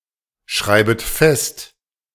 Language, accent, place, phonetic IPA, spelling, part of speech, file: German, Germany, Berlin, [ˌʃʁaɪ̯bət ˈfɛst], schreibet fest, verb, De-schreibet fest.ogg
- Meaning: second-person plural subjunctive I of festschreiben